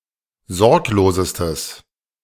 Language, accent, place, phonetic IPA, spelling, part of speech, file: German, Germany, Berlin, [ˈzɔʁkloːzəstəs], sorglosestes, adjective, De-sorglosestes.ogg
- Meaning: strong/mixed nominative/accusative neuter singular superlative degree of sorglos